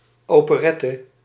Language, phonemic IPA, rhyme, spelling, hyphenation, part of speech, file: Dutch, /ˌoː.pəˈrɛ.tə/, -ɛtə, operette, ope‧ret‧te, noun, Nl-operette.ogg
- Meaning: operetta, comic opera (light-hearted opera with spoken sections)